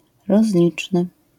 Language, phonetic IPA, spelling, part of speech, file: Polish, [rɔzˈlʲit͡ʃnɨ], rozliczny, adjective, LL-Q809 (pol)-rozliczny.wav